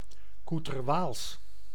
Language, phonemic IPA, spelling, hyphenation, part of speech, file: Dutch, /ˌku.tər.ˈʋaːls/, koeterwaals, koe‧ter‧waals, noun, Nl-koeterwaals.ogg
- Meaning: incomprehensible language; gibberish, gobbledygook